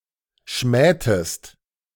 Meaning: inflection of schmähen: 1. second-person singular preterite 2. second-person singular subjunctive II
- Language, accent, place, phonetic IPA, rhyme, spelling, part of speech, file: German, Germany, Berlin, [ˈʃmɛːtəst], -ɛːtəst, schmähtest, verb, De-schmähtest.ogg